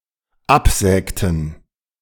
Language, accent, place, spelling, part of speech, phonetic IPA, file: German, Germany, Berlin, absägten, verb, [ˈapˌzɛːktn̩], De-absägten.ogg
- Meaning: inflection of absägen: 1. first/third-person plural dependent preterite 2. first/third-person plural dependent subjunctive II